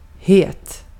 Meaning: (adjective) 1. hot; having a very high temperature 2. hot; feverish 3. hot; (of food) spicy 4. hot; radioactive 5. hot; physically very attractive 6. hot; popular, in demand; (verb) imperative of heta
- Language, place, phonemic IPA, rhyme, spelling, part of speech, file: Swedish, Gotland, /heːt/, -eːt, het, adjective / verb, Sv-het.ogg